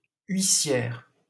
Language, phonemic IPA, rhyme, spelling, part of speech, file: French, /ɥi.sjɛʁ/, -ɛʁ, huissière, noun, LL-Q150 (fra)-huissière.wav
- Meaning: female equivalent of huissier